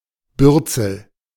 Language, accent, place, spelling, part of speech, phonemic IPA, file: German, Germany, Berlin, Bürzel, noun, /ˈbʏʁt͡sl̩/, De-Bürzel.ogg
- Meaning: 1. rump, hindquarter of a bird 2. tail (of a bear, badger, boar)